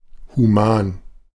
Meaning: humane
- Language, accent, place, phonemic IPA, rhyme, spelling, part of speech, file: German, Germany, Berlin, /huˈmaːn/, -aːn, human, adjective, De-human.ogg